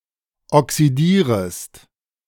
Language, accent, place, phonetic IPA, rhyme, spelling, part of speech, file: German, Germany, Berlin, [ɔksiˈdiːʁəst], -iːʁəst, oxidierest, verb, De-oxidierest.ogg
- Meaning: second-person singular subjunctive I of oxidieren